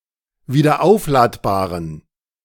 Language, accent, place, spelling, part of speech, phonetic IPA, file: German, Germany, Berlin, wiederaufladbaren, adjective, [viːdɐˈʔaʊ̯flaːtbaːʁən], De-wiederaufladbaren.ogg
- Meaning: inflection of wiederaufladbar: 1. strong genitive masculine/neuter singular 2. weak/mixed genitive/dative all-gender singular 3. strong/weak/mixed accusative masculine singular 4. strong dative plural